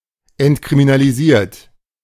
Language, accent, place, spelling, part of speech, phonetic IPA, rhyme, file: German, Germany, Berlin, entkriminalisiert, verb, [ɛntkʁiminaliˈziːɐ̯t], -iːɐ̯t, De-entkriminalisiert.ogg
- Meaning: 1. past participle of entkriminalisieren 2. inflection of entkriminalisieren: third-person singular present 3. inflection of entkriminalisieren: second-person plural present